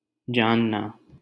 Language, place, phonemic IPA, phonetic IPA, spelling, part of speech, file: Hindi, Delhi, /d͡ʒɑːn.nɑː/, [d͡ʒä̃ːn.näː], जानना, verb, LL-Q1568 (hin)-जानना.wav
- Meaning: 1. to know, comprehend, understand 2. to be familiar with